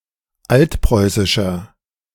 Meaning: inflection of altpreußisch: 1. strong/mixed nominative masculine singular 2. strong genitive/dative feminine singular 3. strong genitive plural
- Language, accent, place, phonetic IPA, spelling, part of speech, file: German, Germany, Berlin, [ˈaltˌpʁɔɪ̯sɪʃɐ], altpreußischer, adjective, De-altpreußischer.ogg